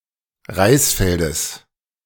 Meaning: genitive singular of Reisfeld
- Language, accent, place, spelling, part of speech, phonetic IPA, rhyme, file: German, Germany, Berlin, Reisfeldes, noun, [ˈʁaɪ̯sˌfɛldəs], -aɪ̯sfɛldəs, De-Reisfeldes.ogg